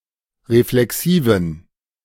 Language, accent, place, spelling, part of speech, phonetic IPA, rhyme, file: German, Germany, Berlin, reflexiven, adjective, [ʁeflɛˈksiːvn̩], -iːvn̩, De-reflexiven.ogg
- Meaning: inflection of reflexiv: 1. strong genitive masculine/neuter singular 2. weak/mixed genitive/dative all-gender singular 3. strong/weak/mixed accusative masculine singular 4. strong dative plural